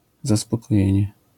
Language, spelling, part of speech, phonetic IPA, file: Polish, zaspokojenie, noun, [ˌzaspɔkɔˈjɛ̇̃ɲɛ], LL-Q809 (pol)-zaspokojenie.wav